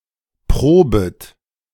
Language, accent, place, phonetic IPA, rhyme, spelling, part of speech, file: German, Germany, Berlin, [ˈpʁoːbət], -oːbət, probet, verb, De-probet.ogg
- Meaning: second-person plural subjunctive I of proben